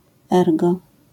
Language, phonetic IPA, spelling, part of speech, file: Polish, [ˈɛrɡɔ], ergo, conjunction, LL-Q809 (pol)-ergo.wav